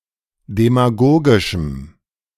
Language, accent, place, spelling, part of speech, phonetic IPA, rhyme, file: German, Germany, Berlin, demagogischem, adjective, [demaˈɡoːɡɪʃm̩], -oːɡɪʃm̩, De-demagogischem.ogg
- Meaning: strong dative masculine/neuter singular of demagogisch